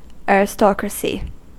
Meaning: 1. The nobility, or the hereditary ruling class 2. Government by such a class, or a state with such a government 3. A class of people considered (not normally universally) superior to others
- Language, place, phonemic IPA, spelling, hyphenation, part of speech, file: English, California, /ˌɛɹ.ɪˈstɑ.kɹə.si/, aristocracy, a‧ris‧to‧cra‧cy, noun, En-us-aristocracy.ogg